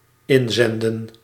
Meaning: to send in
- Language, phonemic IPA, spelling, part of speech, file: Dutch, /ˈɪnzɛndə(n)/, inzenden, verb, Nl-inzenden.ogg